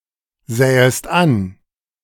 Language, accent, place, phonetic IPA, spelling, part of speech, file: German, Germany, Berlin, [ˌzɛːəst ˈan], sähest an, verb, De-sähest an.ogg
- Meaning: second-person singular subjunctive II of ansehen